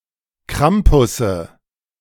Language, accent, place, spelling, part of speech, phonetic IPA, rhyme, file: German, Germany, Berlin, Krampusse, noun, [ˈkʁampʊsə], -ampʊsə, De-Krampusse.ogg
- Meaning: nominative/accusative/genitive plural of Krampus